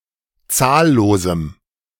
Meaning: strong dative masculine/neuter singular of zahllos
- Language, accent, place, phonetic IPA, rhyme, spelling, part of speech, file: German, Germany, Berlin, [ˈt͡saːlloːzm̩], -aːlloːzm̩, zahllosem, adjective, De-zahllosem.ogg